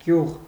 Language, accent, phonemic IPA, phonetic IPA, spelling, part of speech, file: Armenian, Eastern Armenian, /ɡjuʁ/, [ɡjuʁ], գյուղ, noun, Hy-գյուղ.oga
- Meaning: 1. village 2. village (the inhabitants of a village) 3. village life